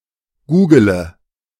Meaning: inflection of googeln: 1. first-person singular present 2. singular imperative 3. first/third-person singular subjunctive I
- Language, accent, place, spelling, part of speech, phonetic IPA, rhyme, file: German, Germany, Berlin, googele, verb, [ˈɡuːɡələ], -uːɡələ, De-googele.ogg